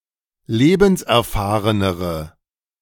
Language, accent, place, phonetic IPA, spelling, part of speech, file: German, Germany, Berlin, [ˈleːbn̩sʔɛɐ̯ˌfaːʁənəʁə], lebenserfahrenere, adjective, De-lebenserfahrenere.ogg
- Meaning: inflection of lebenserfahren: 1. strong/mixed nominative/accusative feminine singular comparative degree 2. strong nominative/accusative plural comparative degree